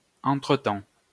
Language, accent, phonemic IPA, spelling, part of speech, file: French, France, /ɑ̃.tʁə.tɑ̃/, entretemps, adverb / noun, LL-Q150 (fra)-entretemps.wav
- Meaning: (adverb) 1. meanwhile, in the meantime 2. ever since, since then (since the period mentioned till now); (noun) interim, break